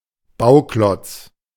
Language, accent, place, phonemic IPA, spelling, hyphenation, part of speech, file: German, Germany, Berlin, /ˈbaʊ̯ˌklɔt͡s/, Bauklotz, Bau‧klotz, noun, De-Bauklotz.ogg
- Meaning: building block